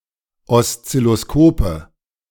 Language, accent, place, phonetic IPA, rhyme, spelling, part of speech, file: German, Germany, Berlin, [ɔst͡sɪloˈskoːpə], -oːpə, Oszilloskope, noun, De-Oszilloskope.ogg
- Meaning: nominative/accusative/genitive plural of Oszilloskop